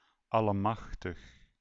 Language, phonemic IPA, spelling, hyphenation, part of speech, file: Dutch, /ˌɑ.ləˈmɑx.təx/, allemachtig, al‧le‧mach‧tig, interjection / adjective, Nl-allemachtig.ogg
- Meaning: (interjection) An expression of surprise or excitement: oh my God!, holy macaroni, God Almighty!; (adjective) alternative form of almachtig